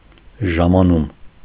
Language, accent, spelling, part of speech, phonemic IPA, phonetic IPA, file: Armenian, Eastern Armenian, ժամանում, noun, /ʒɑmɑˈnum/, [ʒɑmɑnúm], Hy-ժամանում.ogg
- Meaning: arrival